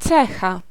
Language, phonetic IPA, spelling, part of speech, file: Polish, [ˈt͡sɛxa], cecha, noun, Pl-cecha.ogg